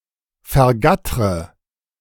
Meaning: inflection of vergattern: 1. first-person singular present 2. first/third-person singular subjunctive I 3. singular imperative
- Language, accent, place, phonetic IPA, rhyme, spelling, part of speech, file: German, Germany, Berlin, [fɛɐ̯ˈɡatʁə], -atʁə, vergattre, verb, De-vergattre.ogg